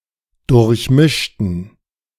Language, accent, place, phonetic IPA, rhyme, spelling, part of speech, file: German, Germany, Berlin, [dʊʁçˈmɪʃtn̩], -ɪʃtn̩, durchmischten, adjective / verb, De-durchmischten.ogg
- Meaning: inflection of durchmischt: 1. strong genitive masculine/neuter singular 2. weak/mixed genitive/dative all-gender singular 3. strong/weak/mixed accusative masculine singular 4. strong dative plural